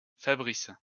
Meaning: a male given name
- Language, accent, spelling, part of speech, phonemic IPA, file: French, France, Fabrice, proper noun, /fa.bʁis/, LL-Q150 (fra)-Fabrice.wav